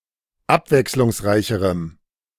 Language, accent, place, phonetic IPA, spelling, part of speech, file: German, Germany, Berlin, [ˈapvɛkslʊŋsˌʁaɪ̯çəʁəm], abwechslungsreicherem, adjective, De-abwechslungsreicherem.ogg
- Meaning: strong dative masculine/neuter singular comparative degree of abwechslungsreich